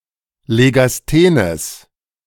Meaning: strong/mixed nominative/accusative neuter singular of legasthen
- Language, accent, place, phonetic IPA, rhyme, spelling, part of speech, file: German, Germany, Berlin, [leɡasˈteːnəs], -eːnəs, legasthenes, adjective, De-legasthenes.ogg